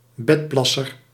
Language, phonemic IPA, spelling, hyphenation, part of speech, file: Dutch, /ˈbɛtˌplɑ.sər/, bedplasser, bed‧plas‧ser, noun, Nl-bedplasser.ogg
- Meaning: a bedwetter